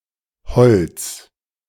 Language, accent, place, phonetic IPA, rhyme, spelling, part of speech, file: German, Germany, Berlin, [bəˈt͡sɪçtɪɡn̩t], -ɪçtɪɡn̩t, bezichtigend, verb, De-bezichtigend.ogg
- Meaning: present participle of bezichtigen